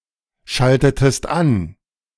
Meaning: inflection of anschalten: 1. second-person singular preterite 2. second-person singular subjunctive II
- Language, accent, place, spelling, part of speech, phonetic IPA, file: German, Germany, Berlin, schaltetest an, verb, [ˌʃaltətəst ˈan], De-schaltetest an.ogg